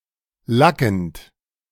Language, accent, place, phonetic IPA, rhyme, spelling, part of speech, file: German, Germany, Berlin, [ˈlakn̩t], -akn̩t, lackend, verb, De-lackend.ogg
- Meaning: present participle of lacken